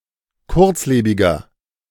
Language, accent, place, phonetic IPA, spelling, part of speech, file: German, Germany, Berlin, [ˈkʊʁt͡sˌleːbɪɡɐ], kurzlebiger, adjective, De-kurzlebiger.ogg
- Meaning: inflection of kurzlebig: 1. strong/mixed nominative masculine singular 2. strong genitive/dative feminine singular 3. strong genitive plural